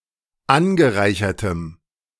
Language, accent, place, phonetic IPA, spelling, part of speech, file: German, Germany, Berlin, [ˈanɡəˌʁaɪ̯çɐtəm], angereichertem, adjective, De-angereichertem.ogg
- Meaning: strong dative masculine/neuter singular of angereichert